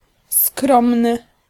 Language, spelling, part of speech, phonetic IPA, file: Polish, skromny, adjective, [ˈskrɔ̃mnɨ], Pl-skromny.ogg